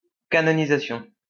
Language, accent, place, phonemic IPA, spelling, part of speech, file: French, France, Lyon, /ka.nɔ.ni.za.sjɔ̃/, canonisation, noun, LL-Q150 (fra)-canonisation.wav
- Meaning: canonization